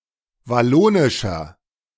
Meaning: 1. comparative degree of wallonisch 2. inflection of wallonisch: strong/mixed nominative masculine singular 3. inflection of wallonisch: strong genitive/dative feminine singular
- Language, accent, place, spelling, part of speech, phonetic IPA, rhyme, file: German, Germany, Berlin, wallonischer, adjective, [vaˈloːnɪʃɐ], -oːnɪʃɐ, De-wallonischer.ogg